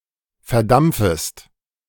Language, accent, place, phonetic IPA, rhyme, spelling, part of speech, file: German, Germany, Berlin, [fɛɐ̯ˈdamp͡fəst], -amp͡fəst, verdampfest, verb, De-verdampfest.ogg
- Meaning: second-person singular subjunctive I of verdampfen